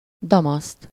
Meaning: damask (a reversible figured fabric of silk, wool, linen, cotton, or synthetic fibers, with a pattern formed by weaving)
- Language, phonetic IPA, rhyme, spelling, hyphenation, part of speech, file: Hungarian, [ˈdɒmɒst], -ɒst, damaszt, da‧maszt, noun, Hu-damaszt.ogg